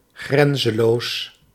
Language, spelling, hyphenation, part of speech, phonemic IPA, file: Dutch, grenzeloos, gren‧ze‧loos, adjective, /ˈɣrɛnzəloːs/, Nl-grenzeloos.ogg
- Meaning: borderless